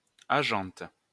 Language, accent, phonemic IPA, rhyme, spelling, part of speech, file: French, France, /a.ʒɑ̃t/, -ɑ̃t, agente, noun, LL-Q150 (fra)-agente.wav
- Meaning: female equivalent of agent